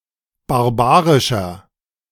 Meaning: 1. comparative degree of barbarisch 2. inflection of barbarisch: strong/mixed nominative masculine singular 3. inflection of barbarisch: strong genitive/dative feminine singular
- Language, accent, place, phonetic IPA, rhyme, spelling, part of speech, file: German, Germany, Berlin, [baʁˈbaːʁɪʃɐ], -aːʁɪʃɐ, barbarischer, adjective, De-barbarischer.ogg